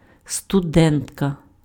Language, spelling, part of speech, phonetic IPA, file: Ukrainian, студентка, noun, [stʊˈdɛntkɐ], Uk-студентка.ogg
- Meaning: female equivalent of студе́нт (studént): student